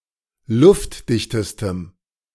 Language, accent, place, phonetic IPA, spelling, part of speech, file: German, Germany, Berlin, [ˈlʊftˌdɪçtəstəm], luftdichtestem, adjective, De-luftdichtestem.ogg
- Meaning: strong dative masculine/neuter singular superlative degree of luftdicht